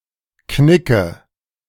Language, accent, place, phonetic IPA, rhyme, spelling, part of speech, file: German, Germany, Berlin, [ˈknɪkə], -ɪkə, Knicke, noun, De-Knicke.ogg
- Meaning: nominative/accusative/genitive plural of Knick